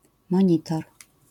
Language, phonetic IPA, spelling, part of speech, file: Polish, [mɔ̃ˈɲitɔr], monitor, noun, LL-Q809 (pol)-monitor.wav